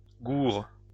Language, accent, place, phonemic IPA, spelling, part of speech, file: French, France, Lyon, /ɡuʁ/, gourd, adjective, LL-Q150 (fra)-gourd.wav
- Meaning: 1. numb 2. maladroit, gauche